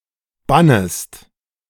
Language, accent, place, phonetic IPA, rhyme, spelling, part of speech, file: German, Germany, Berlin, [ˈbanəst], -anəst, bannest, verb, De-bannest.ogg
- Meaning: second-person singular subjunctive I of bannen